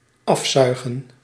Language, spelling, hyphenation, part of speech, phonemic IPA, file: Dutch, afzuigen, af‧zui‧gen, verb, /ˈɑfˌzœy̯.ɣə(n)/, Nl-afzuigen.ogg
- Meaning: to suck off: 1. to exhaust, to drain by means of suction, to extract by suction (of fluids) 2. to suck clean, to suck in order to remove something 3. to perform oral sex